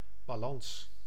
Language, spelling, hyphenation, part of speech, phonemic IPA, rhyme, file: Dutch, balans, ba‧lans, noun, /baːˈlɑns/, -ɑns, Nl-balans.ogg
- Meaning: 1. balance, scales for weighing 2. equilibrium 3. balance sheet 4. type of bridge with counterweight